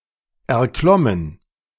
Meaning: past participle of erklimmen
- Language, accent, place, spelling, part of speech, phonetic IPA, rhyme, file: German, Germany, Berlin, erklommen, verb, [ɛɐ̯ˈklɔmən], -ɔmən, De-erklommen.ogg